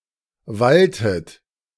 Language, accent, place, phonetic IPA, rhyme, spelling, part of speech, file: German, Germany, Berlin, [ˈvaltət], -altət, walltet, verb, De-walltet.ogg
- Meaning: inflection of wallen: 1. second-person plural preterite 2. second-person plural subjunctive II